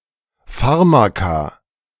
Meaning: plural of Pharmakon
- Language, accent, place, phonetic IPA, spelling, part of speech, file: German, Germany, Berlin, [ˈfaʁmaka], Pharmaka, noun, De-Pharmaka.ogg